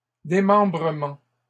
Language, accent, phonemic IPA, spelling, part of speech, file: French, Canada, /de.mɑ̃.bʁə.mɑ̃/, démembrements, noun, LL-Q150 (fra)-démembrements.wav
- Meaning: plural of démembrement